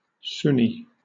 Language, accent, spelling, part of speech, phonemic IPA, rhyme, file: English, Southern England, Sunni, adjective / noun / proper noun, /ˈsʊni/, -ʊni, LL-Q1860 (eng)-Sunni.wav
- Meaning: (adjective) Belonging or relating to the branch of Islam based on the Qur'an, the Kutub al-Sittah (the hadiths which record the Sunnah) and that places emphasis on the Sahabah